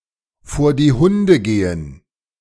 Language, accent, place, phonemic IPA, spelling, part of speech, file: German, Germany, Berlin, /foːɐ̯ diː ˈhʊndə ˈɡeːən/, vor die Hunde gehen, verb, De-vor die Hunde gehen.ogg
- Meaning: to go to the dogs